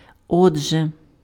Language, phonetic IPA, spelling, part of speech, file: Ukrainian, [ˈɔdʒe], отже, conjunction, Uk-отже.ogg
- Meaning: so, therefore (consequently)